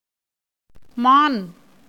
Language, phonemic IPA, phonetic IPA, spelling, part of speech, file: Tamil, /mɑːn/, [mäːn], மான், noun, Ta-மான்.ogg
- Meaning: 1. deer, stag, hart, fawn, antelope 2. the zodiac Capricorn